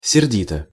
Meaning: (adverb) 1. angrily, in a cross manner 2. scowlingly; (adjective) short neuter singular of серди́тый (serdítyj)
- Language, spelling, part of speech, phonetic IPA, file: Russian, сердито, adverb / adjective, [sʲɪrˈdʲitə], Ru-сердито.ogg